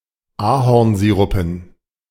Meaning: dative plural of Ahornsirup
- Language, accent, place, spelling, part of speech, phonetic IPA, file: German, Germany, Berlin, Ahornsirupen, noun, [ˈaːhɔʁnˌziːʁʊpn̩], De-Ahornsirupen.ogg